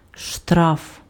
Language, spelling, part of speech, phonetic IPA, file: Ukrainian, штраф, noun, [ʃtraf], Uk-штраф.ogg
- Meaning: fine (punitive payment)